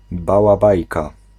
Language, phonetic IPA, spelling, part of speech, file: Polish, [ˌbawaˈbajka], bałabajka, noun, Pl-bałabajka.ogg